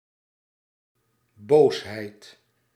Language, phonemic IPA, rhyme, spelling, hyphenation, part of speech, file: Dutch, /ˈboːs.ɦɛi̯t/, -oːsɦɛi̯t, boosheid, boos‧heid, noun, Nl-boosheid.ogg
- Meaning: anger